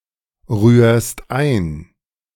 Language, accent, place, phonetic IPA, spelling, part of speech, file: German, Germany, Berlin, [ˌʁyːɐ̯st ˈaɪ̯n], rührst ein, verb, De-rührst ein.ogg
- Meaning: second-person singular present of einrühren